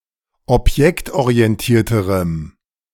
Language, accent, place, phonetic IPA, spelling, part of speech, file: German, Germany, Berlin, [ɔpˈjɛktʔoʁiɛnˌtiːɐ̯təʁəm], objektorientierterem, adjective, De-objektorientierterem.ogg
- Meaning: strong dative masculine/neuter singular comparative degree of objektorientiert